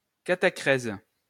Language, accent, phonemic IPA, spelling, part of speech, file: French, France, /ka.ta.kʁɛz/, catachrèse, noun, LL-Q150 (fra)-catachrèse.wav
- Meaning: catachresis